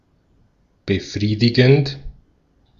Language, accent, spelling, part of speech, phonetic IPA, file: German, Austria, befriedigend, adjective, [bəˈfʁiːdɪɡn̩t], De-at-befriedigend.ogg
- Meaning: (verb) present participle of befriedigen; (adjective) 1. satisfying 2. the number grade 3 (on a scale from 1 to 6)